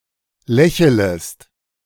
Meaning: second-person singular subjunctive I of lächeln
- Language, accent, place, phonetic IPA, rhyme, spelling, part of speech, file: German, Germany, Berlin, [ˈlɛçələst], -ɛçələst, lächelest, verb, De-lächelest.ogg